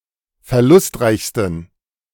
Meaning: 1. superlative degree of verlustreich 2. inflection of verlustreich: strong genitive masculine/neuter singular superlative degree
- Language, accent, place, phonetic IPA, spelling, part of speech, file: German, Germany, Berlin, [fɛɐ̯ˈlʊstˌʁaɪ̯çstn̩], verlustreichsten, adjective, De-verlustreichsten.ogg